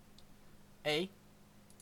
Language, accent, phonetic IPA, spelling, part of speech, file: English, Canada, [ɛː], eh, interjection / verb / adjective, En-ca-eh.ogg
- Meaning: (interjection) Used as a tag question, to emphasise what goes before or to request that the listener express an opinion about what has been said